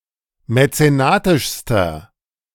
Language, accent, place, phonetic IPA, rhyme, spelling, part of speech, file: German, Germany, Berlin, [mɛt͡seˈnaːtɪʃstɐ], -aːtɪʃstɐ, mäzenatischster, adjective, De-mäzenatischster.ogg
- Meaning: inflection of mäzenatisch: 1. strong/mixed nominative masculine singular superlative degree 2. strong genitive/dative feminine singular superlative degree 3. strong genitive plural superlative degree